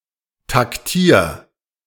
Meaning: 1. singular imperative of taktieren 2. first-person singular present of taktieren
- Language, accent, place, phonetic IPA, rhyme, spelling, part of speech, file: German, Germany, Berlin, [takˈtiːɐ̯], -iːɐ̯, taktier, verb, De-taktier.ogg